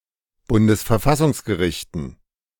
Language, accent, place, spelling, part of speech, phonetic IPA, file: German, Germany, Berlin, Bundesverfassungsgerichten, noun, [ˈbʊndəsfɛɐ̯ˈfasʊŋsɡəˌʁɪçtn̩], De-Bundesverfassungsgerichten.ogg
- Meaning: dative plural of Bundesverfassungsgericht